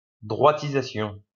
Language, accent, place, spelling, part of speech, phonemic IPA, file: French, France, Lyon, droitisation, noun, /dʁwa.ti.za.sjɔ̃/, LL-Q150 (fra)-droitisation.wav
- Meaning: a movement (of policies) to the right